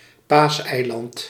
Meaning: Easter Island
- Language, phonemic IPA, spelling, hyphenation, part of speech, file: Dutch, /ˈpaːs.ɛi̯ˌlɑnt/, Paaseiland, Paas‧ei‧land, proper noun, Nl-Paaseiland.ogg